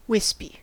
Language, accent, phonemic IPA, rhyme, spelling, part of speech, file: English, US, /ˈwɪspi/, -ɪspi, wispy, adjective, En-us-wispy.ogg
- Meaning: Consisting of or resembling a wisp; like a slender, flexible strand or bundle